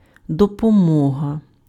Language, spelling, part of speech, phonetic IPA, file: Ukrainian, допомога, noun, [dɔpɔˈmɔɦɐ], Uk-допомога.ogg
- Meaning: 1. help, assistance, aid 2. relief 3. dole, financial support